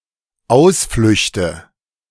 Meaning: nominative/accusative/genitive plural of Ausflucht
- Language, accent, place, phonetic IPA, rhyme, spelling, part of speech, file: German, Germany, Berlin, [ˈaʊ̯sflʏçtə], -aʊ̯sflʏçtə, Ausflüchte, noun, De-Ausflüchte.ogg